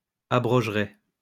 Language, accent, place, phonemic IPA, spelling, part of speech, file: French, France, Lyon, /a.bʁɔʒ.ʁe/, abrogerai, verb, LL-Q150 (fra)-abrogerai.wav
- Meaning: first-person singular simple future of abroger